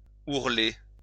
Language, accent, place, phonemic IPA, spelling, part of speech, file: French, France, Lyon, /uʁ.le/, ourler, verb, LL-Q150 (fra)-ourler.wav
- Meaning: to hem